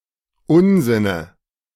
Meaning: dative of Unsinn
- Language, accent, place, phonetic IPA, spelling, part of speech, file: German, Germany, Berlin, [ˈʊnzɪnə], Unsinne, noun, De-Unsinne.ogg